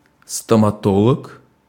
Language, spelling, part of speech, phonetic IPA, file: Russian, стоматолог, noun, [stəmɐˈtoɫək], Ru-стоматолог.ogg
- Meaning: dentist, stomatologist